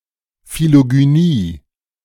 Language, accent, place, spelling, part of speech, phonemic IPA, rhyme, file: German, Germany, Berlin, Philogynie, noun, /ˌfiloɡyˈniː/, -iː, De-Philogynie.ogg
- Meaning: philogyny